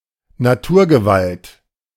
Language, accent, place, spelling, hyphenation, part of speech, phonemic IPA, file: German, Germany, Berlin, Naturgewalt, Natur‧ge‧walt, noun, /naˈtuːɐ̯ɡəˌvalt/, De-Naturgewalt.ogg
- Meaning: force of nature